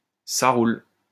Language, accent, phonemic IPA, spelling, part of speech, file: French, France, /sa ʁul/, ça roule, phrase, LL-Q150 (fra)-ça roule.wav
- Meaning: 1. how's it going? 2. OK, sounds like a plan, sounds good, all right, sure, sure thing